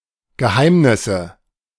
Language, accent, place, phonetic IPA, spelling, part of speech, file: German, Germany, Berlin, [ɡəˈhaɪ̯mnɪsə], Geheimnisse, noun, De-Geheimnisse.ogg
- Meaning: nominative/accusative/genitive plural of Geheimnis